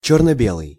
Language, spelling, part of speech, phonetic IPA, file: Russian, чёрно-белый, adjective, [ˌt͡ɕɵrnə ˈbʲeɫɨj], Ru-чёрно-белый.ogg
- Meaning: black-and-white, monochrome